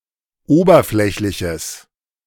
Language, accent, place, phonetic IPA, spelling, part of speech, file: German, Germany, Berlin, [ˈoːbɐˌflɛçlɪçəs], oberflächliches, adjective, De-oberflächliches.ogg
- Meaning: strong/mixed nominative/accusative neuter singular of oberflächlich